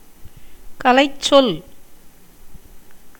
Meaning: technical term
- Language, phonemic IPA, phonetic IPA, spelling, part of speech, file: Tamil, /kɐlɐɪ̯tʃtʃol/, [kɐlɐɪ̯sso̞l], கலைச்சொல், noun, Ta-கலைச்சொல்.ogg